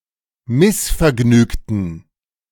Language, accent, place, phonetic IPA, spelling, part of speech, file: German, Germany, Berlin, [ˈmɪsfɛɐ̯ˌɡnyːktn̩], missvergnügten, adjective, De-missvergnügten.ogg
- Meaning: inflection of missvergnügt: 1. strong genitive masculine/neuter singular 2. weak/mixed genitive/dative all-gender singular 3. strong/weak/mixed accusative masculine singular 4. strong dative plural